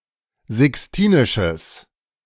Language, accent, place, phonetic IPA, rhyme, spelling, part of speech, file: German, Germany, Berlin, [zɪksˈtiːnɪʃəs], -iːnɪʃəs, sixtinisches, adjective, De-sixtinisches.ogg
- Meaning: strong/mixed nominative/accusative neuter singular of sixtinisch